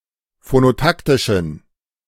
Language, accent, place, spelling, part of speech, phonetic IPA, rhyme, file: German, Germany, Berlin, phonotaktischen, adjective, [fonoˈtaktɪʃn̩], -aktɪʃn̩, De-phonotaktischen.ogg
- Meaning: inflection of phonotaktisch: 1. strong genitive masculine/neuter singular 2. weak/mixed genitive/dative all-gender singular 3. strong/weak/mixed accusative masculine singular 4. strong dative plural